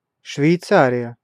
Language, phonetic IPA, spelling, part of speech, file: Russian, [ʂvʲɪjˈt͡sarʲɪjə], Швейцария, proper noun, Ru-Швейцария.ogg
- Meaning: Switzerland (a country in Western Europe and Central Europe)